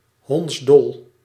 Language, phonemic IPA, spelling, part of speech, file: Dutch, /ˈɦɔntsˌdɔl/, hondsdol, adjective, Nl-hondsdol.ogg
- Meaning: 1. rabid (affected by rabies) 2. rabid, mad (behaving as madly as a rabies-sufferer, or nearly)